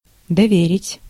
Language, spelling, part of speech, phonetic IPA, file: Russian, доверить, verb, [dɐˈvʲerʲɪtʲ], Ru-доверить.ogg
- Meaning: 1. to entrust (to give someone or something to someone for safekeeping) 2. to entrust (to tell someone a secret) 3. to entrust, to charge, to delegate